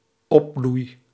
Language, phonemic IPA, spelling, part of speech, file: Dutch, /ˈɔbluj/, opbloei, noun / verb, Nl-opbloei.ogg
- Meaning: first-person singular dependent-clause present indicative of opbloeien